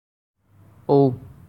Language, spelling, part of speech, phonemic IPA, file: Assamese, ঔ, character, /oʊ/, As-ঔ.ogg
- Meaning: The eleventh character and the last vowel in the Assamese alphabet